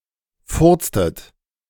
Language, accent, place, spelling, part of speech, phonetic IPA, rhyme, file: German, Germany, Berlin, furztet, verb, [ˈfʊʁt͡stət], -ʊʁt͡stət, De-furztet.ogg
- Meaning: inflection of furzen: 1. second-person plural preterite 2. second-person plural subjunctive II